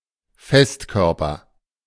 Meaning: solid (solid body)
- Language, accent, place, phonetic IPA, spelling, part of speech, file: German, Germany, Berlin, [ˈfɛstˌkœʁpɐ], Festkörper, noun, De-Festkörper.ogg